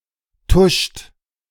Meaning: inflection of tuschen: 1. second-person plural present 2. third-person singular present 3. plural imperative
- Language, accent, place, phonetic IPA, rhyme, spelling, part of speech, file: German, Germany, Berlin, [tʊʃt], -ʊʃt, tuscht, verb, De-tuscht.ogg